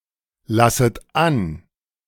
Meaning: second-person plural subjunctive I of anlassen
- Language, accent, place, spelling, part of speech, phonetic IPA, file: German, Germany, Berlin, lasset an, verb, [ˌlasət ˈan], De-lasset an.ogg